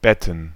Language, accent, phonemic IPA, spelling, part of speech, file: German, Germany, /ˈbɛtn̩/, Betten, noun, De-Betten.ogg
- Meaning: plural of Bett